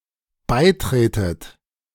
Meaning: inflection of beitreten: 1. second-person plural dependent present 2. second-person plural dependent subjunctive I
- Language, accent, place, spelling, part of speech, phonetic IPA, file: German, Germany, Berlin, beitretet, verb, [ˈbaɪ̯ˌtʁeːtət], De-beitretet.ogg